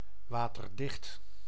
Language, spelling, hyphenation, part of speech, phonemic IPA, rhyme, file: Dutch, waterdicht, wa‧ter‧dicht, adjective, /ˌʋaː.tərˈdɪxt/, -ɪxt, Nl-waterdicht.ogg
- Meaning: waterproof, watertight (being sealed in a way to prevent water from entering)